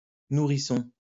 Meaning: 1. infant; baby; nursling (a child who breastfeeds) 2. infant; toddler (young child)
- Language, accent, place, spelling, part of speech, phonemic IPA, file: French, France, Lyon, nourrisson, noun, /nu.ʁi.sɔ̃/, LL-Q150 (fra)-nourrisson.wav